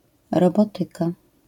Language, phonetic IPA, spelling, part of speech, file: Polish, [rɔˈbɔtɨka], robotyka, noun, LL-Q809 (pol)-robotyka.wav